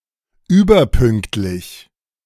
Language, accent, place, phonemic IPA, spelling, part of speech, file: German, Germany, Berlin, /ˈyːbɐˌpʏŋktlɪç/, überpünktlich, adjective, De-überpünktlich.ogg
- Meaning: overly punctual